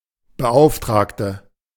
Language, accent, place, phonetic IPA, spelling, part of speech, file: German, Germany, Berlin, [bəˈʔaʊ̯ftʁaːktə], Beauftragte, noun, De-Beauftragte.ogg
- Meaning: 1. inflection of Beauftragter: strong nominative/accusative plural 2. inflection of Beauftragter: weak nominative singular 3. female equivalent of Beauftragter: female commissioner